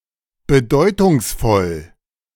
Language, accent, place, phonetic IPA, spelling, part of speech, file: German, Germany, Berlin, [bəˈdɔɪ̯tʊŋsˌfɔl], bedeutungsvoll, adjective, De-bedeutungsvoll.ogg
- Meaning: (adjective) 1. meaningful 2. significant, important; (adverb) meaningfully